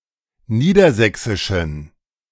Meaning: inflection of niedersächsisch: 1. strong genitive masculine/neuter singular 2. weak/mixed genitive/dative all-gender singular 3. strong/weak/mixed accusative masculine singular 4. strong dative plural
- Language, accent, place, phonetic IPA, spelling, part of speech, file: German, Germany, Berlin, [ˈniːdɐˌzɛksɪʃn̩], niedersächsischen, adjective, De-niedersächsischen.ogg